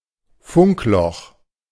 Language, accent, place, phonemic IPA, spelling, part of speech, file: German, Germany, Berlin, /ˈfʊŋkˌlɔx/, Funkloch, noun, De-Funkloch.ogg
- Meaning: dead zone, notspot (an area where radio signals or mobile phone signals are blocked or severely reduced)